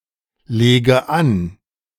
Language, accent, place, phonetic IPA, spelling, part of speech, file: German, Germany, Berlin, [ˌleːɡə ˈan], lege an, verb, De-lege an.ogg
- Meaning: inflection of anlegen: 1. first-person singular present 2. first/third-person singular subjunctive I 3. singular imperative